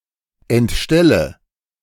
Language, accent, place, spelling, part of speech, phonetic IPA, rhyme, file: German, Germany, Berlin, entstelle, verb, [ɛntˈʃtɛlə], -ɛlə, De-entstelle.ogg
- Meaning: inflection of entstellen: 1. first-person singular present 2. first/third-person singular subjunctive I 3. singular imperative